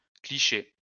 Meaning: plural of cliché
- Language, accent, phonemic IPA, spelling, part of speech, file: French, France, /kli.ʃe/, clichés, noun, LL-Q150 (fra)-clichés.wav